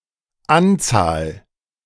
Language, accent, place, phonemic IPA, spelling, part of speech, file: German, Germany, Berlin, /ˈantsaːl/, Anzahl, noun, De-Anzahl.ogg
- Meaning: number, an amount; a few